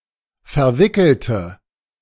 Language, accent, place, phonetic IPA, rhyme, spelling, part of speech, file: German, Germany, Berlin, [fɛɐ̯ˈvɪkl̩tə], -ɪkl̩tə, verwickelte, adjective / verb, De-verwickelte.ogg
- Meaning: inflection of verwickelt: 1. strong/mixed nominative/accusative feminine singular 2. strong nominative/accusative plural 3. weak nominative all-gender singular